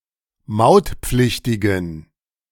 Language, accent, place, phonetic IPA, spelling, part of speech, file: German, Germany, Berlin, [ˈmaʊ̯tˌp͡flɪçtɪɡn̩], mautpflichtigen, adjective, De-mautpflichtigen.ogg
- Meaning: inflection of mautpflichtig: 1. strong genitive masculine/neuter singular 2. weak/mixed genitive/dative all-gender singular 3. strong/weak/mixed accusative masculine singular 4. strong dative plural